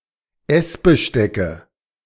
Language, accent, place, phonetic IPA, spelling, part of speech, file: German, Germany, Berlin, [ˈɛsbəˌʃtɛkə], Essbestecke, noun, De-Essbestecke.ogg
- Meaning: nominative/accusative/genitive plural of Essbesteck